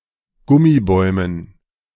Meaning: dative plural of Gummibaum
- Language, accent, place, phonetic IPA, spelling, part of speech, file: German, Germany, Berlin, [ˈɡʊmiˌbɔɪ̯mən], Gummibäumen, noun, De-Gummibäumen.ogg